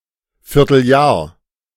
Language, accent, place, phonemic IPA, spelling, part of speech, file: German, Germany, Berlin, /ˈfɪʁtl̩ˌjaːɐ̯/, Vierteljahr, noun, De-Vierteljahr.ogg
- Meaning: quarter of the year, three months